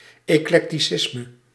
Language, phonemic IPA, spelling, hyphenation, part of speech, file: Dutch, /eːˌklɛk.tiˈsɪs.mə/, eclecticisme, ec‧lec‧ti‧cis‧me, noun, Nl-eclecticisme.ogg
- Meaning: eclecticism